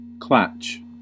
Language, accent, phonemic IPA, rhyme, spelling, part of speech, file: English, US, /klæt͡ʃ/, -ætʃ, klatch, noun, En-us-klatch.ogg
- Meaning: An informal social gathering, especially one held over coffee for the purpose of conversation